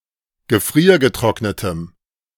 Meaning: strong dative masculine/neuter singular of gefriergetrocknet
- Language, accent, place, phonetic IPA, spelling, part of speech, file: German, Germany, Berlin, [ɡəˈfʁiːɐ̯ɡəˌtʁɔknətəm], gefriergetrocknetem, adjective, De-gefriergetrocknetem.ogg